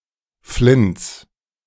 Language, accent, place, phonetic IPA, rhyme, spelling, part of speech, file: German, Germany, Berlin, [flɪnt͡s], -ɪnt͡s, Flints, noun, De-Flints.ogg
- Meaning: genitive singular of Flint